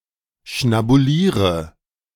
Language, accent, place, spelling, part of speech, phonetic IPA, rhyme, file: German, Germany, Berlin, schnabuliere, verb, [ʃnabuˈliːʁə], -iːʁə, De-schnabuliere.ogg
- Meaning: inflection of schnabulieren: 1. first-person singular present 2. first/third-person singular subjunctive I 3. singular imperative